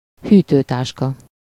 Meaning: cooler (an insulated box to keep food cold)
- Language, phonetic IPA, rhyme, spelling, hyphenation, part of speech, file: Hungarian, [ˈhyːtøːtaːʃkɒ], -kɒ, hűtőtáska, hű‧tő‧tás‧ka, noun, Hu-hűtőtáska.ogg